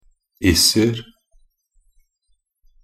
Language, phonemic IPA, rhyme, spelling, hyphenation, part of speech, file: Norwegian Bokmål, /ˈɪsər/, -ər, -iser, -is‧er, suffix, Nb--iser.ogg
- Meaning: plural indefinite form of -is